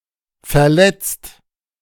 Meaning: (verb) past participle of verletzen; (adjective) hurt, injured
- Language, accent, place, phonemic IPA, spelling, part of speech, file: German, Germany, Berlin, /fɐˈlɛt͡st/, verletzt, verb / adjective, De-verletzt.ogg